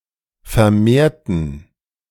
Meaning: inflection of vermehrt: 1. strong genitive masculine/neuter singular 2. weak/mixed genitive/dative all-gender singular 3. strong/weak/mixed accusative masculine singular 4. strong dative plural
- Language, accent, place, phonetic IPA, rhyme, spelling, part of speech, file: German, Germany, Berlin, [fɛɐ̯ˈmeːɐ̯tn̩], -eːɐ̯tn̩, vermehrten, adjective / verb, De-vermehrten.ogg